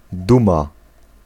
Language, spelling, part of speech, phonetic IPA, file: Polish, duma, noun / verb, [ˈdũma], Pl-duma.ogg